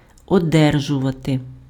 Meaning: to receive, to get, to obtain
- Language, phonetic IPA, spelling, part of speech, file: Ukrainian, [ɔˈdɛrʒʊʋɐte], одержувати, verb, Uk-одержувати.ogg